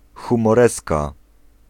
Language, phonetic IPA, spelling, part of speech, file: Polish, [ˌxũmɔˈrɛska], humoreska, noun, Pl-humoreska.ogg